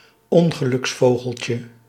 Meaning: diminutive of ongeluksvogel
- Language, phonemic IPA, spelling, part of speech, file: Dutch, /ˈɔŋɣəlʏksˌfoɣəlcə/, ongeluksvogeltje, noun, Nl-ongeluksvogeltje.ogg